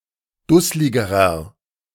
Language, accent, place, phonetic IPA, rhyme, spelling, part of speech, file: German, Germany, Berlin, [ˈdʊslɪɡəʁɐ], -ʊslɪɡəʁɐ, dussligerer, adjective, De-dussligerer.ogg
- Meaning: inflection of dusslig: 1. strong/mixed nominative masculine singular comparative degree 2. strong genitive/dative feminine singular comparative degree 3. strong genitive plural comparative degree